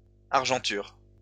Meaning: silver plate
- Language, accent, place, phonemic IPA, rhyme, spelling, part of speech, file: French, France, Lyon, /aʁ.ʒɑ̃.tyʁ/, -yʁ, argenture, noun, LL-Q150 (fra)-argenture.wav